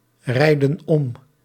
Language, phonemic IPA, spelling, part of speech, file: Dutch, /ˈrɛidə(n) ˈɔm/, rijden om, verb, Nl-rijden om.ogg
- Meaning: inflection of omrijden: 1. plural present indicative 2. plural present subjunctive